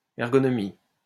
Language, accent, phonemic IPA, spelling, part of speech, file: French, France, /ɛʁ.ɡɔ.nɔ.mi/, ergonomie, noun, LL-Q150 (fra)-ergonomie.wav
- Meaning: 1. ergonomics 2. usability